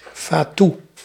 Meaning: alternative form of fattoe
- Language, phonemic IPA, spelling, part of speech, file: Dutch, /faːtu/, fatoe, noun, Nl-fatoe.ogg